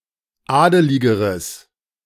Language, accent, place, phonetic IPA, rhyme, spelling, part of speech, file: German, Germany, Berlin, [ˈaːdəlɪɡəʁəs], -aːdəlɪɡəʁəs, adeligeres, adjective, De-adeligeres.ogg
- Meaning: strong/mixed nominative/accusative neuter singular comparative degree of adelig